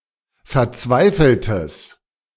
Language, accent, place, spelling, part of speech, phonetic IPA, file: German, Germany, Berlin, verzweifeltes, adjective, [fɛɐ̯ˈt͡svaɪ̯fl̩təs], De-verzweifeltes.ogg
- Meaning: strong/mixed nominative/accusative neuter singular of verzweifelt